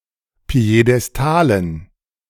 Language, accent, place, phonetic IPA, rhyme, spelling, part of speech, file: German, Germany, Berlin, [pi̯edɛsˈtaːlən], -aːlən, Piedestalen, noun, De-Piedestalen.ogg
- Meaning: dative plural of Piedestal